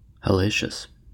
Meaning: 1. horrible, awful, hellish, agonizing, difficult 2. nasty, repellent 3. Remarkable, unbelievable, unusual
- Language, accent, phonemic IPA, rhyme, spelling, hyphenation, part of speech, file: English, US, /hɛˈleɪʃəs/, -eɪʃəs, hellacious, hel‧la‧cious, adjective, En-us-hellacious.ogg